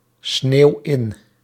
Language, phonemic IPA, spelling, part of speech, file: Dutch, /ˈsnew ˈɪn/, sneeuw in, verb, Nl-sneeuw in.ogg
- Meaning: inflection of insneeuwen: 1. first-person singular present indicative 2. second-person singular present indicative 3. imperative